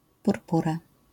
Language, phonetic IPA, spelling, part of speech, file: Polish, [purˈpura], purpura, noun, LL-Q809 (pol)-purpura.wav